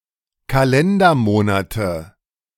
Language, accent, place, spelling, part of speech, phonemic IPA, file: German, Germany, Berlin, Kalendermonate, noun, /kaˈlɛndɐˌmoːnatə/, De-Kalendermonate.ogg
- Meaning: nominative/accusative/genitive plural of Kalendermonat